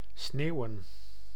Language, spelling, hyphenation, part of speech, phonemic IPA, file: Dutch, sneeuwen, sneeu‧wen, verb / adjective, /ˈsneːu̯.ə(n)/, Nl-sneeuwen.ogg
- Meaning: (verb) to snow; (adjective) 1. snowy, consisting of snow 2. snow white, being the colour of snow